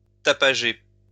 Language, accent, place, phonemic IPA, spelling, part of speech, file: French, France, Lyon, /ta.pa.ʒe/, tapager, verb, LL-Q150 (fra)-tapager.wav
- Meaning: to be noisy; to make noise